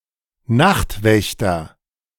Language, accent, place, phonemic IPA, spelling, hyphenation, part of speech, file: German, Germany, Berlin, /ˈnaxtˌvɛçtɐ/, Nachtwächter, Nacht‧wäch‧ter, noun, De-Nachtwächter.ogg
- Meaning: night watchman (a guard that protects cities at night)